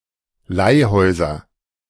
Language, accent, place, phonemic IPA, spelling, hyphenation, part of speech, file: German, Germany, Berlin, /ˈlaɪ̯ˌhɔɪ̯zɐ/, Leihhäuser, Leih‧häu‧ser, noun, De-Leihhäuser.ogg
- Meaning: nominative/accusative/genitive plural of Leihhaus